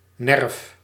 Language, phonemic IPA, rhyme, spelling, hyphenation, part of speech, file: Dutch, /nɛrf/, -ɛrf, nerf, nerf, noun, Nl-nerf.ogg
- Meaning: 1. grain of wood 2. a similar line in leather, paper, etc 3. nerve 4. vein of a leaf